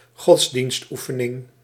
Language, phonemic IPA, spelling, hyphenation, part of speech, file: Dutch, /ˈɣɔts.dinstˌu.fə.nɪŋ/, godsdienstoefening, gods‧dienst‧oe‧fe‧ning, noun, Nl-godsdienstoefening.ogg
- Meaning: religious service